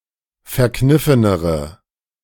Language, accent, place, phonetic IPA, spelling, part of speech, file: German, Germany, Berlin, [fɛɐ̯ˈknɪfənəʁə], verkniffenere, adjective, De-verkniffenere.ogg
- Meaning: inflection of verkniffen: 1. strong/mixed nominative/accusative feminine singular comparative degree 2. strong nominative/accusative plural comparative degree